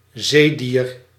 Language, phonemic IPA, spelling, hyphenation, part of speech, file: Dutch, /ˈzeː.diːr/, zeedier, zee‧dier, noun, Nl-zeedier.ogg
- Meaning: a marine animal